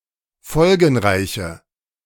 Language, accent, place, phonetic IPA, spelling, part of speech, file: German, Germany, Berlin, [ˈfɔlɡn̩ˌʁaɪ̯çə], folgenreiche, adjective, De-folgenreiche.ogg
- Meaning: inflection of folgenreich: 1. strong/mixed nominative/accusative feminine singular 2. strong nominative/accusative plural 3. weak nominative all-gender singular